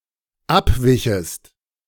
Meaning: second-person singular dependent subjunctive II of abweichen
- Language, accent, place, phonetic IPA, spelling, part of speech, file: German, Germany, Berlin, [ˈapˌvɪçəst], abwichest, verb, De-abwichest.ogg